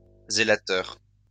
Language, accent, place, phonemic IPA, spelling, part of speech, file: French, France, Lyon, /ze.la.tœʁ/, zélateur, noun, LL-Q150 (fra)-zélateur.wav
- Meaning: zelator